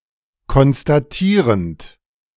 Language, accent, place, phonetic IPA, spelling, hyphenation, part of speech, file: German, Germany, Berlin, [kɔnstaˈtiːʁɛnt], konstatierend, kons‧ta‧tie‧rend, verb / adjective, De-konstatierend.ogg
- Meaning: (verb) present participle of konstatieren; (adjective) 1. stating 2. constative